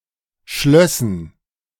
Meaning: first/third-person plural subjunctive II of schließen
- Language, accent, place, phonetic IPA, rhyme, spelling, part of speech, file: German, Germany, Berlin, [ˈʃlœsn̩], -œsn̩, schlössen, verb, De-schlössen.ogg